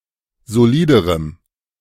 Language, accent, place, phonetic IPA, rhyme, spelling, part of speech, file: German, Germany, Berlin, [zoˈliːdəʁəm], -iːdəʁəm, soliderem, adjective, De-soliderem.ogg
- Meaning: strong dative masculine/neuter singular comparative degree of solid